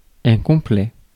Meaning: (adjective) 1. full, without room for more 2. complete, entire; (noun) a suit
- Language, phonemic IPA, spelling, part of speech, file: French, /kɔ̃.plɛ/, complet, adjective / noun, Fr-complet.ogg